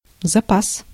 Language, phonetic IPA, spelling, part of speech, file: Russian, [zɐˈpas], запас, noun / verb, Ru-запас.ogg
- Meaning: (noun) reserve, store, supply, stock, stockpile, inventory, log, margin; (verb) masculine singular past indicative perfective of запасти́ (zapastí)